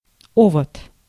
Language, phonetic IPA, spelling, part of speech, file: Russian, [ˈovət], овод, noun, Ru-овод.ogg
- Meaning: 1. gadfly, botfly (an insect of genus Oestrus) 2. Ovod (Soviet and Russian cruise missile)